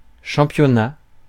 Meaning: championship
- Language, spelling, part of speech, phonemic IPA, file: French, championnat, noun, /ʃɑ̃.pjɔ.na/, Fr-championnat.ogg